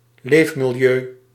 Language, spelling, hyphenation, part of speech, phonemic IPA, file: Dutch, leefmilieu, leef‧mi‧li‧eu, noun, /ˈleːf.mɪlˌjøː/, Nl-leefmilieu.ogg
- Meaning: living environment, environment in which someone or something lives